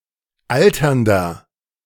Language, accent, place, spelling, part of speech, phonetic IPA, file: German, Germany, Berlin, alternder, adjective, [ˈaltɐndɐ], De-alternder.ogg
- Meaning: inflection of alternd: 1. strong/mixed nominative masculine singular 2. strong genitive/dative feminine singular 3. strong genitive plural